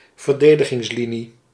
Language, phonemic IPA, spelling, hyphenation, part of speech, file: Dutch, /vərˈdeː.də.ɣɪŋsˌli.ni/, verdedigingslinie, ver‧de‧di‧gings‧li‧nie, noun, Nl-verdedigingslinie.ogg
- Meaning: line of defence, defensive line